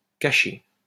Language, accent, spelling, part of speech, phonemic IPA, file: French, France, caché, adjective / verb, /ka.ʃe/, LL-Q150 (fra)-caché.wav
- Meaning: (adjective) hidden; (verb) past participle of cacher